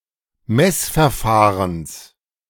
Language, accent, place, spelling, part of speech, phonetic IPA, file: German, Germany, Berlin, Messverfahrens, noun, [ˈmɛsfɛɐ̯ˌfaːʁəns], De-Messverfahrens.ogg
- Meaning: genitive singular of Messverfahren